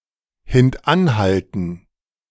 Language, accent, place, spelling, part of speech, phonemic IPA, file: German, Germany, Berlin, hintanhalten, verb, /hɪntˈʔanˌhaltən/, De-hintanhalten.ogg
- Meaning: to evite, to try to make something not appear